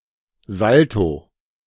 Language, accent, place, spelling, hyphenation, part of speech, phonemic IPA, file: German, Germany, Berlin, Salto, Sal‧to, noun, /ˈzalto/, De-Salto.ogg
- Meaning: somersault